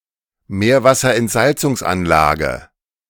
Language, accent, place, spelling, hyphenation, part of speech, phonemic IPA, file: German, Germany, Berlin, Meerwasserentsalzungsanlage, Meer‧was‧ser‧ent‧sal‧zungs‧an‧la‧ge, noun, /ˈmeːɐ̯vasɐʔɛntˌzalt͡sʊŋsʔanlaːɡə/, De-Meerwasserentsalzungsanlage.ogg
- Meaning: seawater desalination plant